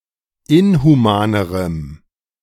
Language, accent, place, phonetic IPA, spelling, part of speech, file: German, Germany, Berlin, [ˈɪnhuˌmaːnəʁəm], inhumanerem, adjective, De-inhumanerem.ogg
- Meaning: strong dative masculine/neuter singular comparative degree of inhuman